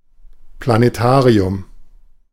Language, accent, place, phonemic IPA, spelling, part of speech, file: German, Germany, Berlin, /planeˈtaːʁiʊm/, Planetarium, noun, De-Planetarium.ogg
- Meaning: planetarium